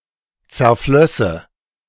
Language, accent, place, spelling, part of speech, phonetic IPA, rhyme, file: German, Germany, Berlin, zerflösse, verb, [t͡sɛɐ̯ˈflœsə], -œsə, De-zerflösse.ogg
- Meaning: first/third-person singular subjunctive II of zerfließen